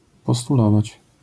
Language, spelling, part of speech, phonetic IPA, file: Polish, postulować, verb, [ˌpɔstuˈlɔvat͡ɕ], LL-Q809 (pol)-postulować.wav